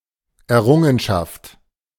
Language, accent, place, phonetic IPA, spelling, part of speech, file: German, Germany, Berlin, [ɛɐ̯ˈʀʊŋənʃaft], Errungenschaft, noun, De-Errungenschaft.ogg
- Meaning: 1. accomplishment, achievement, attainment (usually by a community, group of people, historical era, movement etc.) 2. acquisition